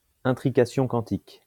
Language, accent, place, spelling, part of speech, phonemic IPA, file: French, France, Lyon, intrication quantique, noun, /ɛ̃.tʁi.ka.sjɔ̃ kɑ̃.tik/, LL-Q150 (fra)-intrication quantique.wav
- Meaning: quantum entanglement